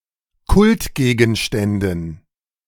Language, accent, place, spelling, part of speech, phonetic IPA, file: German, Germany, Berlin, Kultgegenständen, noun, [ˈkʊltˌɡeːɡn̩ʃtɛndn̩], De-Kultgegenständen.ogg
- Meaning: dative plural of Kultgegenstand